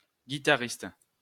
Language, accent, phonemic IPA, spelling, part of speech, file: French, France, /ɡi.ta.ʁist/, guitariste, noun, LL-Q150 (fra)-guitariste.wav
- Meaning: guitarist